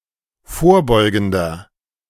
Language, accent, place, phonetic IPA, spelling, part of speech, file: German, Germany, Berlin, [ˈfoːɐ̯ˌbɔɪ̯ɡn̩dɐ], vorbeugender, adjective, De-vorbeugender.ogg
- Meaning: inflection of vorbeugend: 1. strong/mixed nominative masculine singular 2. strong genitive/dative feminine singular 3. strong genitive plural